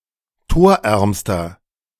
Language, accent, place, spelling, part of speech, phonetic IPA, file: German, Germany, Berlin, torärmster, adjective, [ˈtoːɐ̯ˌʔɛʁmstɐ], De-torärmster.ogg
- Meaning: inflection of torarm: 1. strong/mixed nominative masculine singular superlative degree 2. strong genitive/dative feminine singular superlative degree 3. strong genitive plural superlative degree